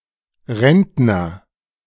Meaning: pensioner (male or of unspecified gender)
- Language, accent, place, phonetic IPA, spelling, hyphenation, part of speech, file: German, Germany, Berlin, [ˈʁɛntnɐ], Rentner, Rent‧ner, noun, De-Rentner.ogg